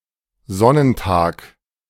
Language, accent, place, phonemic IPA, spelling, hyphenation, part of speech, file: German, Germany, Berlin, /ˈzɔnənˌtaːk/, Sonnentag, Son‧nen‧tag, noun, De-Sonnentag.ogg
- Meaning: sunny day